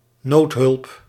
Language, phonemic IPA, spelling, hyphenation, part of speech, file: Dutch, /ˈnoːt.ɦʏlp/, noodhulp, nood‧hulp, noun, Nl-noodhulp.ogg
- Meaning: emergency aid